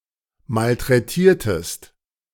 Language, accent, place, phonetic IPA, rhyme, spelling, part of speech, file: German, Germany, Berlin, [maltʁɛˈtiːɐ̯təst], -iːɐ̯təst, malträtiertest, verb, De-malträtiertest.ogg
- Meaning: inflection of malträtieren: 1. second-person singular preterite 2. second-person singular subjunctive II